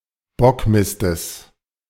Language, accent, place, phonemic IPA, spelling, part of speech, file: German, Germany, Berlin, /ˈbɔkˌmɪstəs/, Bockmistes, noun, De-Bockmistes.ogg
- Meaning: genitive singular of Bockmist